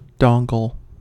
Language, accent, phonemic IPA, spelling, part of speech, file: English, US, /ˈdɑŋɡl̩/, dongle, noun, En-us-dongle.ogg